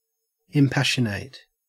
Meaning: 1. Filled with passion; impassioned 2. Lacking passion; dispassionate
- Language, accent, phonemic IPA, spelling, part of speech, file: English, Australia, /ɪmˈpæʃənət/, impassionate, adjective, En-au-impassionate.ogg